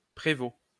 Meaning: 1. provost 2. provost marshal
- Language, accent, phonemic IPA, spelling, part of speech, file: French, France, /pʁe.vo/, prévôt, noun, LL-Q150 (fra)-prévôt.wav